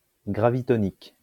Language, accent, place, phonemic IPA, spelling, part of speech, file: French, France, Lyon, /ɡʁa.vi.tɔ.nik/, gravitonique, adjective, LL-Q150 (fra)-gravitonique.wav
- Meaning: gravitonic